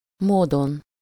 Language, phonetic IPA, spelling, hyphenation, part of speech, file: Hungarian, [ˈmoːdon], módon, mó‧don, noun, Hu-módon.ogg
- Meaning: 1. superessive singular of mód 2. in (some) way/manner